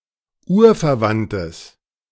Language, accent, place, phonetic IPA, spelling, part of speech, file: German, Germany, Berlin, [ˈuːɐ̯fɛɐ̯ˌvantəs], urverwandtes, adjective, De-urverwandtes.ogg
- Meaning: strong/mixed nominative/accusative neuter singular of urverwandt